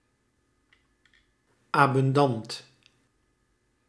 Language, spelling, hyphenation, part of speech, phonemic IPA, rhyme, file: Dutch, abundant, abun‧dant, adjective, /aː.bʏnˈdɑnt/, -ɑnt, Nl-abundant.ogg
- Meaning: abundant